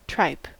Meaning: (noun) 1. The lining of the large stomach of ruminating animals, when prepared for food 2. The entrails; (by extension, humorous or derogatory) the belly
- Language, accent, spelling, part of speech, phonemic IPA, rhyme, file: English, US, tripe, noun / interjection, /tɹaɪp/, -aɪp, En-us-tripe.ogg